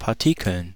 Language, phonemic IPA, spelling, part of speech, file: German, /paʁˈtɪkl̩n/, Partikeln, noun, De-Partikeln.ogg
- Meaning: 1. plural of Partikel f 2. dative plural of Partikel n